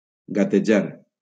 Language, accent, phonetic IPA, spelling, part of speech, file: Catalan, Valencia, [ɡa.teˈd͡ʒaɾ], gatejar, verb, LL-Q7026 (cat)-gatejar.wav
- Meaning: to crawl